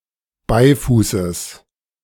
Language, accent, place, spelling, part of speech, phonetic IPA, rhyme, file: German, Germany, Berlin, Beifußes, noun, [ˈbaɪ̯fuːsəs], -aɪ̯fuːsəs, De-Beifußes.ogg
- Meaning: genitive singular of Beifuß